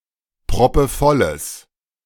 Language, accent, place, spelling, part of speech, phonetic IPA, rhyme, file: German, Germany, Berlin, proppevolles, adjective, [pʁɔpəˈfɔləs], -ɔləs, De-proppevolles.ogg
- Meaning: strong/mixed nominative/accusative neuter singular of proppevoll